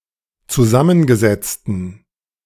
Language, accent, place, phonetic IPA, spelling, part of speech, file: German, Germany, Berlin, [t͡suˈzamənɡəˌzɛt͡stn̩], zusammengesetzten, adjective, De-zusammengesetzten.ogg
- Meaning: inflection of zusammengesetzt: 1. strong genitive masculine/neuter singular 2. weak/mixed genitive/dative all-gender singular 3. strong/weak/mixed accusative masculine singular 4. strong dative plural